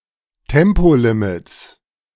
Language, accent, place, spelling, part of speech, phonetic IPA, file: German, Germany, Berlin, Tempolimits, noun, [ˈtɛmpoˌlɪmɪt͡s], De-Tempolimits.ogg
- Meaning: 1. genitive singular of Tempolimit 2. plural of Tempolimit